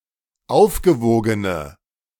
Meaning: inflection of aufgewogen: 1. strong/mixed nominative/accusative feminine singular 2. strong nominative/accusative plural 3. weak nominative all-gender singular
- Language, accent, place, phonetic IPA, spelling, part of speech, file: German, Germany, Berlin, [ˈaʊ̯fɡəˌvoːɡənə], aufgewogene, adjective, De-aufgewogene.ogg